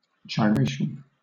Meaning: The act of turning or whirling, especially around a fixed axis or centre; a circular or spiral motion; rotation
- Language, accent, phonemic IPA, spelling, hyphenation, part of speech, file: English, Southern England, /dʒaɪ(ə)ˈɹeɪʃ(ə)n/, gyration, gyr‧a‧tion, noun, LL-Q1860 (eng)-gyration.wav